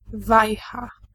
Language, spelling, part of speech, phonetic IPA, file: Polish, wajcha, noun, [ˈvajxa], Pl-wajcha.ogg